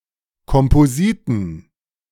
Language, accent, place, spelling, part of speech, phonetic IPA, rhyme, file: German, Germany, Berlin, Kompositen, noun, [kɔmpoˈziːtn̩], -iːtn̩, De-Kompositen.ogg
- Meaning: plural of Kompositum